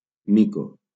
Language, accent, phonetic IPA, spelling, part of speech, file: Catalan, Valencia, [ˈmi.ko], mico, noun, LL-Q7026 (cat)-mico.wav
- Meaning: monkey